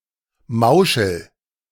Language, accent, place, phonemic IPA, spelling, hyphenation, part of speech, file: German, Germany, Berlin, /ˈmaʊ̯ʃəl/, Mauschel, Mau‧schel, noun, De-Mauschel.ogg
- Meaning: a Jew, especially a poor and/or Yiddish-speaking one